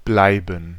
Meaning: 1. to remain (to continue to be) 2. to keep (on); to continue [with infinitive ‘doing something’] (see usage notes below) 3. to stay; to remain in a place 4. to be; to be stuck (implying tardiness)
- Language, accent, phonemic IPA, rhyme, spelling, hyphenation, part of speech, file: German, Germany, /ˈblaɪ̯bən/, -aɪ̯bən, bleiben, blei‧ben, verb, De-bleiben.ogg